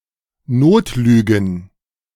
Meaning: plural of Notlüge
- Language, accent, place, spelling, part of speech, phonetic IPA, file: German, Germany, Berlin, Notlügen, noun, [ˈnoːtˌlyːɡn̩], De-Notlügen.ogg